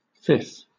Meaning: Abbreviation of fifth; 5th
- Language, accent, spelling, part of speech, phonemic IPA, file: English, Southern England, Vth, adjective, /fɪfθ/, LL-Q1860 (eng)-Vth.wav